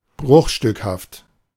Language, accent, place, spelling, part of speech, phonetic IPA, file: German, Germany, Berlin, bruchstückhaft, adjective, [ˈbʁʊxʃtʏkhaft], De-bruchstückhaft.ogg
- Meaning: fragmentary